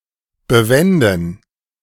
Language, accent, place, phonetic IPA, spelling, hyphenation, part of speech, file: German, Germany, Berlin, [bəˈvɛndn̩], bewenden, be‧wen‧den, verb, De-bewenden.ogg
- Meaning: to put (a matter) to rest